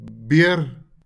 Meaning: 1. bear 2. boar (male swine)
- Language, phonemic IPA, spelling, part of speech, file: Afrikaans, /bɪər/, beer, noun, LL-Q14196 (afr)-beer.wav